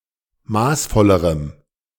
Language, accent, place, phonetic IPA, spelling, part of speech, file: German, Germany, Berlin, [ˈmaːsˌfɔləʁəm], maßvollerem, adjective, De-maßvollerem.ogg
- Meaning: strong dative masculine/neuter singular comparative degree of maßvoll